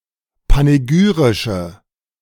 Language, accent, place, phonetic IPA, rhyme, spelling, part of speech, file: German, Germany, Berlin, [paneˈɡyːʁɪʃə], -yːʁɪʃə, panegyrische, adjective, De-panegyrische.ogg
- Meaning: inflection of panegyrisch: 1. strong/mixed nominative/accusative feminine singular 2. strong nominative/accusative plural 3. weak nominative all-gender singular